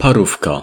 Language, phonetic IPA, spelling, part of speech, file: Polish, [paˈrufka], parówka, noun, Pl-parówka.ogg